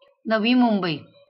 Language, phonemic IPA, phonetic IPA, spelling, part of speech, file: Marathi, /nə.ʋi.mum.bəi/, [nə.ʋi.mum.bəiː], नवी मुंबई, proper noun, LL-Q1571 (mar)-नवी मुंबई.wav
- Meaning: Navi Mumbai (a city in Maharashtra, India)